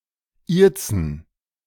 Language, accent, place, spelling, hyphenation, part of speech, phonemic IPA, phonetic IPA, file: German, Germany, Berlin, ihrzen, ihr‧zen, verb, /ˈiːʁtsən/, [ˈʔi(ː)ɐ̯.t͡sn̩], De-ihrzen.ogg
- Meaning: to address using the pronoun ihr